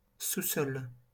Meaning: 1. basement, cellar 2. subsoil
- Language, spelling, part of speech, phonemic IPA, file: French, sous-sol, noun, /su.sɔl/, LL-Q150 (fra)-sous-sol.wav